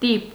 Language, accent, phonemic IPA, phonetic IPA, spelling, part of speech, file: Armenian, Eastern Armenian, /tip/, [tip], տիպ, noun, Hy-տիպ.ogg
- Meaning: 1. impression, stamp, imprint 2. type 3. sticker 4. type, character; jerk 5. phylum